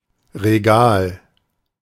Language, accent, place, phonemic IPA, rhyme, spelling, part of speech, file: German, Germany, Berlin, /ʁeˈɡaːl/, -aːl, Regal, noun, De-Regal.ogg
- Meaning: 1. a rack of shelves, shelving, a shelf (in this collective sense), e.g. an open bookcase 2. a right or privilege of a sovereign state or ruler; (one of the) regalia